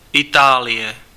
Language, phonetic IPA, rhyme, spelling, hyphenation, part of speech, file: Czech, [ˈɪtaːlɪjɛ], -ɪjɛ, Itálie, Itá‧lie, proper noun, Cs-Itálie.ogg
- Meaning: Italy (a country in Southern Europe)